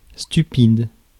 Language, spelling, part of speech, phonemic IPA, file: French, stupide, adjective, /sty.pid/, Fr-stupide.ogg
- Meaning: stupid